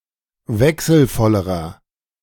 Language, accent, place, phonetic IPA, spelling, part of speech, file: German, Germany, Berlin, [ˈvɛksl̩ˌfɔləʁɐ], wechselvollerer, adjective, De-wechselvollerer.ogg
- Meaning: inflection of wechselvoll: 1. strong/mixed nominative masculine singular comparative degree 2. strong genitive/dative feminine singular comparative degree 3. strong genitive plural comparative degree